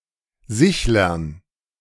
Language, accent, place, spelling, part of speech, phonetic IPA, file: German, Germany, Berlin, Sichlern, noun, [ˈzɪçlɐn], De-Sichlern.ogg
- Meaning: dative plural of Sichler